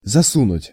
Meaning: 1. to put (in) 2. to poke, to stick in
- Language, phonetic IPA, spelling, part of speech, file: Russian, [zɐˈsunʊtʲ], засунуть, verb, Ru-засунуть.ogg